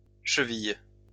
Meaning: plural of cheville
- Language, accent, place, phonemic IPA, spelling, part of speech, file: French, France, Lyon, /ʃə.vij/, chevilles, noun, LL-Q150 (fra)-chevilles.wav